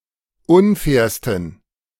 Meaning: 1. superlative degree of unfair 2. inflection of unfair: strong genitive masculine/neuter singular superlative degree
- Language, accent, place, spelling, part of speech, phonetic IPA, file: German, Germany, Berlin, unfairsten, adjective, [ˈʊnˌfɛːɐ̯stn̩], De-unfairsten.ogg